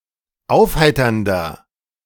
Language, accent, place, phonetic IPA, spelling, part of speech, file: German, Germany, Berlin, [ˈaʊ̯fˌhaɪ̯tɐndɐ], aufheiternder, adjective, De-aufheiternder.ogg
- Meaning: 1. comparative degree of aufheiternd 2. inflection of aufheiternd: strong/mixed nominative masculine singular 3. inflection of aufheiternd: strong genitive/dative feminine singular